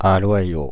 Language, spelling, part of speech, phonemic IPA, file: French, aloyau, noun, /a.lwa.jo/, Fr-aloyau.ogg
- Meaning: sirloin